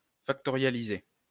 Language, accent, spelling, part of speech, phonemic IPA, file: French, France, factorialiser, verb, /fak.tɔ.ʁja.li.ze/, LL-Q150 (fra)-factorialiser.wav
- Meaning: to factorialize